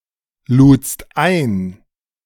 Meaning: second-person singular preterite of einladen
- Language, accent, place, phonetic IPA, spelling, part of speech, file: German, Germany, Berlin, [ˌluːt͡st ˈaɪ̯n], ludst ein, verb, De-ludst ein.ogg